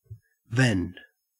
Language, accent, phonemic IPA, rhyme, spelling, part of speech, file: English, Australia, /vɛnd/, -ɛnd, vend, verb / noun, En-au-vend.ogg
- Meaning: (verb) 1. Synonym of sell, (now especially) to sell through a vending machine 2. To provide or export functionality, especially from an API; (noun) The act of vending or selling; a sale